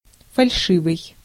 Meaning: false, fake
- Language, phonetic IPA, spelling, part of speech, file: Russian, [fɐlʲˈʂɨvɨj], фальшивый, adjective, Ru-фальшивый.ogg